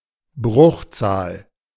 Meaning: fraction
- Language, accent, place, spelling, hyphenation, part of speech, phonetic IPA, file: German, Germany, Berlin, Bruchzahl, Bruch‧zahl, noun, [ˈbʁʊxˌt͡saːl], De-Bruchzahl.ogg